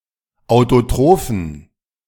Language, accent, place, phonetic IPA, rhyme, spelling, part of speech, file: German, Germany, Berlin, [aʊ̯toˈtʁoːfn̩], -oːfn̩, autotrophen, adjective, De-autotrophen.ogg
- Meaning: inflection of autotroph: 1. strong genitive masculine/neuter singular 2. weak/mixed genitive/dative all-gender singular 3. strong/weak/mixed accusative masculine singular 4. strong dative plural